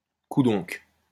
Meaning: expressing surprise, impatience, or incomprehension
- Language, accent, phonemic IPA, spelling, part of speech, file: French, France, /ku.dɔ̃k/, coudonc, interjection, LL-Q150 (fra)-coudonc.wav